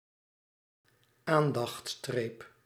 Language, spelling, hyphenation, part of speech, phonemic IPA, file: Dutch, aandachtsstreep, aan‧dachts‧streep, noun, /ˈaːn.dɑxtˌstreːp/, Nl-aandachtsstreep.ogg
- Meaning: em dash of en dash, used to denote a break in a sentence or to set off parenthetical statements